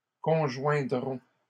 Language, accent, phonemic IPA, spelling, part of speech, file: French, Canada, /kɔ̃.ʒwɛ̃.dʁɔ̃/, conjoindront, verb, LL-Q150 (fra)-conjoindront.wav
- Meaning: third-person plural simple future of conjoindre